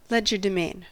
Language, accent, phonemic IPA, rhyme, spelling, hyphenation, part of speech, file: English, US, /ˈlɛd͡ʒ.əɹ.dəˌmeɪn/, -eɪn, legerdemain, leg‧er‧de‧main, noun, En-us-legerdemain.ogg
- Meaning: 1. Sleight of hand; "magic" trickery 2. A show of skill or deceitful ability